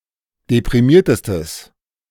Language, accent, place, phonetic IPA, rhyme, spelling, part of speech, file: German, Germany, Berlin, [depʁiˈmiːɐ̯təstəs], -iːɐ̯təstəs, deprimiertestes, adjective, De-deprimiertestes.ogg
- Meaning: strong/mixed nominative/accusative neuter singular superlative degree of deprimiert